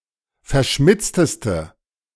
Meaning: inflection of verschmitzt: 1. strong/mixed nominative/accusative feminine singular superlative degree 2. strong nominative/accusative plural superlative degree
- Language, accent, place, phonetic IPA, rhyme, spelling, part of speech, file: German, Germany, Berlin, [fɛɐ̯ˈʃmɪt͡stəstə], -ɪt͡stəstə, verschmitzteste, adjective, De-verschmitzteste.ogg